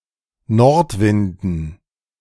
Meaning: dative plural of Nordwind
- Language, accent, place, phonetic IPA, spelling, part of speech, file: German, Germany, Berlin, [ˈnɔʁtˌvɪndn̩], Nordwinden, noun, De-Nordwinden.ogg